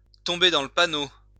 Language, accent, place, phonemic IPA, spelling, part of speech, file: French, France, Lyon, /tɔ̃.be dɑ̃ l(ə) pa.no/, tomber dans le panneau, verb, LL-Q150 (fra)-tomber dans le panneau.wav
- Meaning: to walk into a trap, to fall into the trap, to fall for something